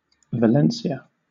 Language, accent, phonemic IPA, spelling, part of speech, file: English, Southern England, /vəˈlɛnsi.ə/, Valencia, proper noun / noun, LL-Q1860 (eng)-Valencia.wav
- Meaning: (proper noun) 1. The capital city of the autonomous community of Valencia, Spain 2. An autonomous community of Spain; in full, Valencian Community